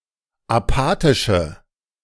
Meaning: inflection of apathisch: 1. strong/mixed nominative/accusative feminine singular 2. strong nominative/accusative plural 3. weak nominative all-gender singular
- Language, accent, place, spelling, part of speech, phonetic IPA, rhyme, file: German, Germany, Berlin, apathische, adjective, [aˈpaːtɪʃə], -aːtɪʃə, De-apathische.ogg